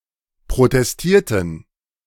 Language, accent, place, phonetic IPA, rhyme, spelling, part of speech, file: German, Germany, Berlin, [pʁotɛsˈtiːɐ̯tn̩], -iːɐ̯tn̩, protestierten, verb, De-protestierten.ogg
- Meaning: inflection of protestieren: 1. first/third-person plural preterite 2. first/third-person plural subjunctive II